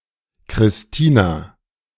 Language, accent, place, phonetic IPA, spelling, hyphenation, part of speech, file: German, Germany, Berlin, [kʀɪsˈtiːna], Christina, Chris‧ti‧na, proper noun, De-Christina.ogg
- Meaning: a female given name, Latinate variant of Christine